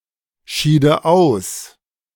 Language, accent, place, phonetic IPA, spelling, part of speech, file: German, Germany, Berlin, [ˌʃiːdə ˈaʊ̯s], schiede aus, verb, De-schiede aus.ogg
- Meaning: first/third-person singular subjunctive II of ausscheiden